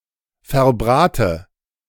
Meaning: inflection of verbraten: 1. first-person singular present 2. first/third-person singular subjunctive I 3. singular imperative
- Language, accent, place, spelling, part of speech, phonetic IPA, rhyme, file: German, Germany, Berlin, verbrate, verb, [fɛɐ̯ˈbʁaːtə], -aːtə, De-verbrate.ogg